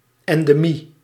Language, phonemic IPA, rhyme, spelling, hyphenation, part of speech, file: Dutch, /ˌɛn.deːˈmi/, -i, endemie, en‧de‧mie, noun, Nl-endemie.ogg
- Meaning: 1. endemic (disease that prevalent in an area; such a prevalent outbreak) 2. endemism (state of being endemic, exclusive to an area)